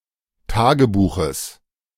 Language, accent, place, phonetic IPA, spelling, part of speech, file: German, Germany, Berlin, [ˈtaːɡəˌbuːxəs], Tagebuches, noun, De-Tagebuches.ogg
- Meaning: genitive singular of Tagebuch